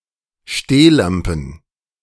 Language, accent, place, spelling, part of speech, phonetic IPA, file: German, Germany, Berlin, Stehlampen, noun, [ˈʃteːˌlampn̩], De-Stehlampen.ogg
- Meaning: plural of Stehlampe